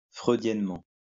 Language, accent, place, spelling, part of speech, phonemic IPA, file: French, France, Lyon, freudiennement, adverb, /fʁø.djɛn.mɑ̃/, LL-Q150 (fra)-freudiennement.wav
- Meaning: Freudianly